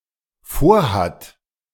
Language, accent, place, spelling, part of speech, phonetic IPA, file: German, Germany, Berlin, vorhat, verb, [ˈfoːɐ̯ˌhat], De-vorhat.ogg
- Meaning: third-person singular dependent present of vorhaben